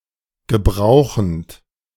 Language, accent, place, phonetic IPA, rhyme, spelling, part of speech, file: German, Germany, Berlin, [ɡəˈbʁaʊ̯xn̩t], -aʊ̯xn̩t, gebrauchend, verb, De-gebrauchend.ogg
- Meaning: present participle of gebrauchen